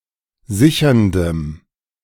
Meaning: strong dative masculine/neuter singular of sichernd
- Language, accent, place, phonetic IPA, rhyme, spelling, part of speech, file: German, Germany, Berlin, [ˈzɪçɐndəm], -ɪçɐndəm, sicherndem, adjective, De-sicherndem.ogg